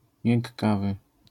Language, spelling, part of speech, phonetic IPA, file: Polish, miękkawy, adjective, [mʲjɛ̃ŋkˈavɨ], LL-Q809 (pol)-miękkawy.wav